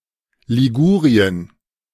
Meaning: Liguria (an administrative region of northwest Italy)
- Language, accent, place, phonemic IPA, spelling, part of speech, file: German, Germany, Berlin, /liˈɡuːʁiən/, Ligurien, proper noun, De-Ligurien.ogg